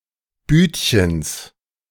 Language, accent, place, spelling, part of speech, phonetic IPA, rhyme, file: German, Germany, Berlin, Büdchens, noun, [ˈbyːtçəns], -yːtçəns, De-Büdchens.ogg
- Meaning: genitive singular of Büdchen